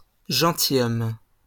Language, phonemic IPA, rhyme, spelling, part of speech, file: French, /ʒɑ̃.ti.jɔm/, -ɔm, gentilhomme, noun, LL-Q150 (fra)-gentilhomme.wav
- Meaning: gentleman